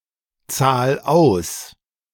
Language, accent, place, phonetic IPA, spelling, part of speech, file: German, Germany, Berlin, [ˌt͡saːl ˈaʊ̯s], zahl aus, verb, De-zahl aus.ogg
- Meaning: 1. singular imperative of auszahlen 2. first-person singular present of auszahlen